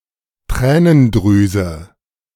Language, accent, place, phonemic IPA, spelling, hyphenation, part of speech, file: German, Germany, Berlin, /ˈtʁɛːnənˌdʁyːzə/, Tränendrüse, Trä‧nen‧drü‧se, noun, De-Tränendrüse.ogg
- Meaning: lacrimal gland